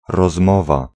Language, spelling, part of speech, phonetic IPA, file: Polish, rozmowa, noun, [rɔzˈmɔva], Pl-rozmowa.ogg